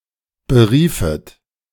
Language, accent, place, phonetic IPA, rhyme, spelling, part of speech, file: German, Germany, Berlin, [bəˈʁiːfət], -iːfət, beriefet, verb, De-beriefet.ogg
- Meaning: second-person plural subjunctive II of berufen